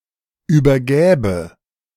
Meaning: first/third-person singular subjunctive II of übergeben
- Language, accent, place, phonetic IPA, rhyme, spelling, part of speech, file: German, Germany, Berlin, [yːbɐˈɡɛːbə], -ɛːbə, übergäbe, verb, De-übergäbe.ogg